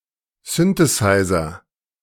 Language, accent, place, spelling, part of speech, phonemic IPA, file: German, Germany, Berlin, Synthesizer, noun, /ˈsʏntəsaɪ̯zɐ/, De-Synthesizer.ogg
- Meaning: synthesizer